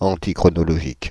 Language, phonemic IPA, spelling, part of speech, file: French, /ɑ̃.ti.kʁɔ.nɔ.lɔ.ʒik/, antichronologique, adjective, Fr-antichronologique.ogg
- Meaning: antichronological